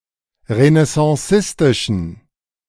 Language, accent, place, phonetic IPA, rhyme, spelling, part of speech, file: German, Germany, Berlin, [ʁənɛsɑ̃ˈsɪstɪʃn̩], -ɪstɪʃn̩, renaissancistischen, adjective, De-renaissancistischen.ogg
- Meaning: inflection of renaissancistisch: 1. strong genitive masculine/neuter singular 2. weak/mixed genitive/dative all-gender singular 3. strong/weak/mixed accusative masculine singular